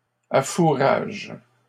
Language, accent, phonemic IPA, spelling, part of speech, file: French, Canada, /a.fu.ʁaʒ/, affourage, verb, LL-Q150 (fra)-affourage.wav
- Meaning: inflection of affourager: 1. first/third-person singular present indicative/subjunctive 2. second-person singular imperative